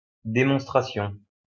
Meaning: demonstration (act of showing and explaining)
- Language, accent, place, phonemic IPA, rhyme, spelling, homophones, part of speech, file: French, France, Lyon, /de.mɔ̃s.tʁa.sjɔ̃/, -ɔ̃, démonstration, démonstrations, noun, LL-Q150 (fra)-démonstration.wav